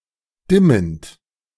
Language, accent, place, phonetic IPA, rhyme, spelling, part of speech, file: German, Germany, Berlin, [ˈdɪmənt], -ɪmənt, dimmend, verb, De-dimmend.ogg
- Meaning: present participle of dimmen